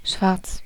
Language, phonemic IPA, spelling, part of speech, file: German, /ʃvarts/, schwarz, adjective, De-schwarz.ogg
- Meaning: 1. black, reflecting little or no light 2. illegal 3. black, having a high amount of melanin in an organ, e.g. the skin